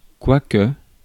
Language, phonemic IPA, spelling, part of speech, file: French, /kwa.kə/, quoique, conjunction, Fr-quoique.ogg
- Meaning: though, although